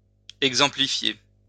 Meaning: to exemplify
- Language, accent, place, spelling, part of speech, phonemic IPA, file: French, France, Lyon, exemplifier, verb, /ɛɡ.zɑ̃.pli.fje/, LL-Q150 (fra)-exemplifier.wav